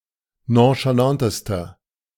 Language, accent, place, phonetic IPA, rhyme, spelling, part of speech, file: German, Germany, Berlin, [ˌnõʃaˈlantəstɐ], -antəstɐ, nonchalantester, adjective, De-nonchalantester.ogg
- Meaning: inflection of nonchalant: 1. strong/mixed nominative masculine singular superlative degree 2. strong genitive/dative feminine singular superlative degree 3. strong genitive plural superlative degree